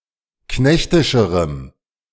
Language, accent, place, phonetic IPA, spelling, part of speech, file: German, Germany, Berlin, [ˈknɛçtɪʃəʁəm], knechtischerem, adjective, De-knechtischerem.ogg
- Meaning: strong dative masculine/neuter singular comparative degree of knechtisch